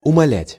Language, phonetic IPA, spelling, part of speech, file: Russian, [ʊmɐˈlʲætʲ], умолять, verb, Ru-умолять.ogg
- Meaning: to entreat, to beg, to implore